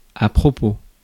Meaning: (adverb) 1. opportunely, at the right time, just in time 2. by the way 3. in connection, concerning, with regard, in reference; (adjective) opportune, advisable, fitting, appropriate, apropos
- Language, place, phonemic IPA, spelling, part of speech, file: French, Paris, /a pʁɔ.po/, à propos, adverb / adjective, Fr-à‐propos.ogg